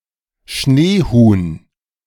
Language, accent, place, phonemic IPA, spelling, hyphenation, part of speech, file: German, Germany, Berlin, /ˈʃneːˌhuːn/, Schneehuhn, Schnee‧huhn, noun, De-Schneehuhn.ogg
- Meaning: ptarmigan